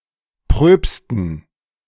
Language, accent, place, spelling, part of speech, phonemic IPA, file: German, Germany, Berlin, Pröpsten, noun, /pʁøːpstən/, De-Pröpsten.ogg
- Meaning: dative plural of Propst